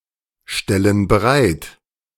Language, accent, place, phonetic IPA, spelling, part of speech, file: German, Germany, Berlin, [ˌʃtɛlən bəˈʁaɪ̯t], stellen bereit, verb, De-stellen bereit.ogg
- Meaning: inflection of bereitstellen: 1. first/third-person plural present 2. first/third-person plural subjunctive I